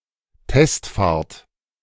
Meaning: test drive
- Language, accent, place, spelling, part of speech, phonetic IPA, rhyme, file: German, Germany, Berlin, Testfahrt, noun, [ˈtɛstˌfaːɐ̯t], -ɛstfaːɐ̯t, De-Testfahrt.ogg